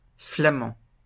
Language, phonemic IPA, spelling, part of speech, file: French, /fla.mɑ̃/, Flamand, noun, LL-Q150 (fra)-Flamand.wav
- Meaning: Fleming (resident or native of Flanders, Belgium)